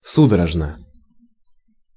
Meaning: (adverb) convulsively, spasmodically, fitfully; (adjective) short neuter singular of су́дорожный (súdorožnyj)
- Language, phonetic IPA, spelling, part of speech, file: Russian, [ˈsudərəʐnə], судорожно, adverb / adjective, Ru-судорожно.ogg